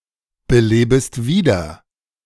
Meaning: second-person singular subjunctive I of wiederbeleben
- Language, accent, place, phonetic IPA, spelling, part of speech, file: German, Germany, Berlin, [bəˌleːbəst ˈviːdɐ], belebest wieder, verb, De-belebest wieder.ogg